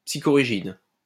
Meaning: psychorigid
- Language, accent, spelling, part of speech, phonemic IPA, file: French, France, psychorigide, adjective, /psi.kɔ.ʁi.ʒid/, LL-Q150 (fra)-psychorigide.wav